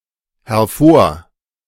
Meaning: forth (in the direction of the speaker)
- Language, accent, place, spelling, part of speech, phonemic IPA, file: German, Germany, Berlin, hervor, adverb, /hɛrˈfoːr/, De-hervor.ogg